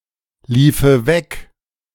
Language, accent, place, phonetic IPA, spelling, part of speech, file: German, Germany, Berlin, [ˌliːfə ˈvɛk], liefe weg, verb, De-liefe weg.ogg
- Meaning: first/third-person singular subjunctive II of weglaufen